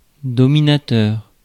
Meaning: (noun) 1. dominator, usually a tyrant or a dictator 2. dominator; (adjective) dominating, domineering
- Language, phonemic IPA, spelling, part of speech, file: French, /dɔ.mi.na.tœʁ/, dominateur, noun / adjective, Fr-dominateur.ogg